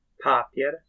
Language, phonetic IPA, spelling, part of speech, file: Polish, [ˈpapʲjɛr], papier, noun, Pl-papier.wav